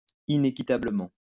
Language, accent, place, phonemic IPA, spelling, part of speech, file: French, France, Lyon, /i.ne.ki.ta.blə.mɑ̃/, inéquitablement, adverb, LL-Q150 (fra)-inéquitablement.wav
- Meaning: unequally; unfairly; unjustly